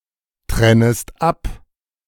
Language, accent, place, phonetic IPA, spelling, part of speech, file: German, Germany, Berlin, [ˌtʁɛnəst ˈap], trennest ab, verb, De-trennest ab.ogg
- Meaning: second-person singular subjunctive I of abtrennen